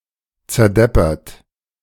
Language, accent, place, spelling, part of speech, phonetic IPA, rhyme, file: German, Germany, Berlin, zerdeppert, verb, [t͡sɛɐ̯ˈdɛpɐt], -ɛpɐt, De-zerdeppert.ogg
- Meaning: past participle of zerdeppern